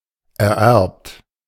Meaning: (verb) past participle of ererben; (adjective) 1. inherited 2. inbred
- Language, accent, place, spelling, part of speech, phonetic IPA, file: German, Germany, Berlin, ererbt, verb / adjective, [ʔɛɐ̯ˈʔɛɐ̯pt], De-ererbt.ogg